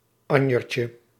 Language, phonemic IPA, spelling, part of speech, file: Dutch, /ˈɑɲərcə/, anjertje, noun, Nl-anjertje.ogg
- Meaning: diminutive of anjer